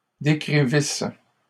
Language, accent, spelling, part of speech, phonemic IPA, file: French, Canada, décrivisse, verb, /de.kʁi.vis/, LL-Q150 (fra)-décrivisse.wav
- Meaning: first-person singular imperfect subjunctive of décrire